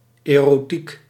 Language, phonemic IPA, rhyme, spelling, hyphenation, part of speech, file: Dutch, /ˌeː.roːˈtik/, -ik, erotiek, ero‧tiek, noun, Nl-erotiek.ogg
- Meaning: 1. eroticism (erotic love, erotic activity) 2. erotica (erotic subject matter)